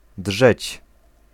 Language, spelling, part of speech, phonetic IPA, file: Polish, drzeć, verb, [ḍʒɛt͡ɕ], Pl-drzeć.ogg